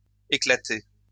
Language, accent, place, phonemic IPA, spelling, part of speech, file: French, France, Lyon, /e.kla.te/, éclaté, adjective / noun / verb, LL-Q150 (fra)-éclaté.wav
- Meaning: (adjective) lame; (noun) exploded view; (verb) past participle of éclater